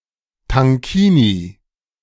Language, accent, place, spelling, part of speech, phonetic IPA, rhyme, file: German, Germany, Berlin, Tankini, noun, [taŋˈkiːni], -iːni, De-Tankini.ogg
- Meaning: tankini